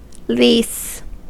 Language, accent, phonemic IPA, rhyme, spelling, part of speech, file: English, US, /liːs/, -iːs, lease, noun / verb, En-us-lease.ogg
- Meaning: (noun) 1. An interest in land granting exclusive use or occupation of real estate for a limited period; a leasehold 2. An interest granting exclusive use of any thing, such as a car or boat